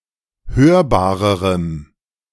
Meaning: strong dative masculine/neuter singular comparative degree of hörbar
- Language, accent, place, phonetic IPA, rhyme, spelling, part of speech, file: German, Germany, Berlin, [ˈhøːɐ̯baːʁəʁəm], -øːɐ̯baːʁəʁəm, hörbarerem, adjective, De-hörbarerem.ogg